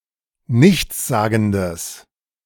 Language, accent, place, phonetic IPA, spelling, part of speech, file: German, Germany, Berlin, [ˈnɪçt͡sˌzaːɡn̩dəs], nichtssagendes, adjective, De-nichtssagendes.ogg
- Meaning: strong/mixed nominative/accusative neuter singular of nichtssagend